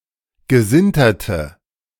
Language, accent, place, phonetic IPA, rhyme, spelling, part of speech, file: German, Germany, Berlin, [ɡəˈzɪntɐtə], -ɪntɐtə, gesinterte, adjective, De-gesinterte.ogg
- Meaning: inflection of gesintert: 1. strong/mixed nominative/accusative feminine singular 2. strong nominative/accusative plural 3. weak nominative all-gender singular